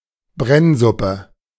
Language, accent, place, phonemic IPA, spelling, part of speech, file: German, Germany, Berlin, /ˈbrɛnzʊpə/, Brennsuppe, noun, De-Brennsuppe.ogg
- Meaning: flour soup